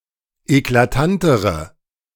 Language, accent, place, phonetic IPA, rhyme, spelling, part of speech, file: German, Germany, Berlin, [eklaˈtantəʁə], -antəʁə, eklatantere, adjective, De-eklatantere.ogg
- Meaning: inflection of eklatant: 1. strong/mixed nominative/accusative feminine singular comparative degree 2. strong nominative/accusative plural comparative degree